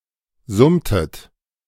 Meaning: inflection of summen: 1. second-person plural preterite 2. second-person plural subjunctive II
- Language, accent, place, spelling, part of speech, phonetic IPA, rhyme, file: German, Germany, Berlin, summtet, verb, [ˈzʊmtət], -ʊmtət, De-summtet.ogg